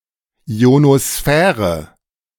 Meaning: ionosphere
- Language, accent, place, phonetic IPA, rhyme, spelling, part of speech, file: German, Germany, Berlin, [i̯onoˈsfɛːʁə], -ɛːʁə, Ionosphäre, noun, De-Ionosphäre.ogg